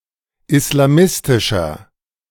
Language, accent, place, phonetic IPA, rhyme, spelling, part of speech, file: German, Germany, Berlin, [ɪslaˈmɪstɪʃɐ], -ɪstɪʃɐ, islamistischer, adjective, De-islamistischer.ogg
- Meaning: 1. comparative degree of islamistisch 2. inflection of islamistisch: strong/mixed nominative masculine singular 3. inflection of islamistisch: strong genitive/dative feminine singular